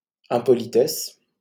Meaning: impoliteness; rudeness
- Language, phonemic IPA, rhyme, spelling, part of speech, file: French, /ɛ̃.pɔ.li.tɛs/, -ɛs, impolitesse, noun, LL-Q150 (fra)-impolitesse.wav